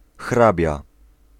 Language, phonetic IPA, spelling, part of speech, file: Polish, [ˈxrabʲja], hrabia, noun, Pl-hrabia.ogg